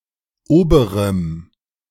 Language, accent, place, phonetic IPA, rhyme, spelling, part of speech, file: German, Germany, Berlin, [ˈoːbəʁəm], -oːbəʁəm, oberem, adjective, De-oberem.ogg
- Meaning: strong dative masculine/neuter singular of oberer